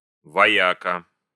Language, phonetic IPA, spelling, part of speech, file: Russian, [vɐˈjakə], вояка, noun, Ru-вояка.ogg
- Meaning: 1. warrior, fighter 2. fire-eater